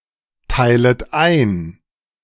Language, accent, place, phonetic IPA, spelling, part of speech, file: German, Germany, Berlin, [ˌtaɪ̯lət ˈaɪ̯n], teilet ein, verb, De-teilet ein.ogg
- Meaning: second-person plural subjunctive I of einteilen